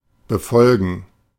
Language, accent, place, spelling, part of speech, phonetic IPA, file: German, Germany, Berlin, befolgen, verb, [bəˈfɔlɡn̩], De-befolgen.ogg
- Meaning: to observe, follow, obey (orders, laws, rules etc); to comply with or abide by